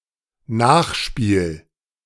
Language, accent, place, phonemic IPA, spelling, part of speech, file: German, Germany, Berlin, /ˈnaːxˌʃpiːl/, Nachspiel, noun, De-Nachspiel.ogg
- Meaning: 1. postlude, epilogue (final part of a piece) 2. synonym of Nachspielzeit (“injury time”) 3. afterplay 4. (unpleasant) consequences